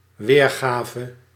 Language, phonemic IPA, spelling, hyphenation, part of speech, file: Dutch, /ˈʋeːrˌɣaː.və/, weergave, weer‧ga‧ve, noun / verb, Nl-weergave.ogg
- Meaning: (noun) reproduction, rendering, portrayal; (verb) singular dependent-clause past subjunctive of weergeven